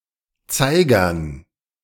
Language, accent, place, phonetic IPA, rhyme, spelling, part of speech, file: German, Germany, Berlin, [ˈt͡saɪ̯ɡɐn], -aɪ̯ɡɐn, Zeigern, noun, De-Zeigern.ogg
- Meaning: dative plural of Zeiger